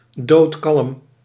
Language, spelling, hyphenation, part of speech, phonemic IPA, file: Dutch, doodkalm, dood‧kalm, adjective, /doːtˈkɑlm/, Nl-doodkalm.ogg
- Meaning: calm, cool